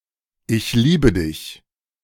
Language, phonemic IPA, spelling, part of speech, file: German, /ˈʔɪç ˈliːbə ˌdɪç/, ich liebe dich, phrase, De-Ich liebe dich!.ogg
- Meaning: I love you